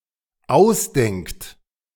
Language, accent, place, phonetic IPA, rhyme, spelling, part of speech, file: German, Germany, Berlin, [ˈaʊ̯sˌdɛŋkt], -aʊ̯sdɛŋkt, ausdenkt, verb, De-ausdenkt.ogg
- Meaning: inflection of ausdenken: 1. third-person singular dependent present 2. second-person plural dependent present